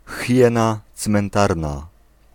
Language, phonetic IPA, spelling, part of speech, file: Polish, [ˈxʲjɛ̃na t͡smɛ̃nˈtarna], hiena cmentarna, noun, Pl-hiena cmentarna.ogg